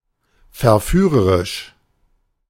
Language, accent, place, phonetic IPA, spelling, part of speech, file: German, Germany, Berlin, [fɛɐ̯ˈfyːʁəʁɪʃ], verführerisch, adjective, De-verführerisch.ogg
- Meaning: 1. seductive 2. tempting